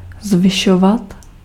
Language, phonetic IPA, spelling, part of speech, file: Czech, [ˈzvɪʃovat], zvyšovat, verb, Cs-zvyšovat.ogg
- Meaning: to increase, to raise